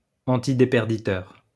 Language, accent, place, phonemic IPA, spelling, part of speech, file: French, France, Lyon, /ɑ̃.ti.de.pɛʁ.di.tœʁ/, antidéperditeur, adjective, LL-Q150 (fra)-antidéperditeur.wav
- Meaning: antileakage